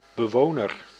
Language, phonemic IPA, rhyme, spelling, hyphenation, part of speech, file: Dutch, /bəˈʋoː.nər/, -oːnər, bewoner, be‧wo‧ner, noun, Nl-bewoner.ogg
- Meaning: occupant, inhabitant